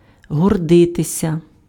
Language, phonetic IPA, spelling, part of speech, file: Ukrainian, [ɦɔrˈdɪtesʲɐ], гордитися, verb, Uk-гордитися.ogg
- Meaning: 1. to be proud (of), to pride oneself (on) (+ instrumental case) 2. to be arrogant, to be prideful, to be proud